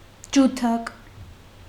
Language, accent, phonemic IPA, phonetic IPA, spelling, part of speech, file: Armenian, Eastern Armenian, /d͡ʒuˈtʰɑk/, [d͡ʒutʰɑ́k], ջութակ, noun, Hy-ջութակ.ogg
- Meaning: violin